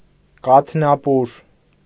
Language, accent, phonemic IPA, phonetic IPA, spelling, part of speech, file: Armenian, Eastern Armenian, /kɑtʰnɑˈpuɾ/, [kɑtʰnɑpúɾ], կաթնապուր, noun, Hy-կաթնապուր.ogg
- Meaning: a milk-based rice soup, sweetened with sugar